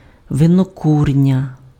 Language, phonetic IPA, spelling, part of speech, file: Ukrainian, [ʋenoˈkurnʲɐ], винокурня, noun, Uk-винокурня.ogg
- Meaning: distillery